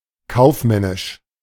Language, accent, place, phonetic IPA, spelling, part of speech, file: German, Germany, Berlin, [ˈkaʊ̯fˌmɛnɪʃ], kaufmännisch, adjective, De-kaufmännisch.ogg
- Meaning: commercial, business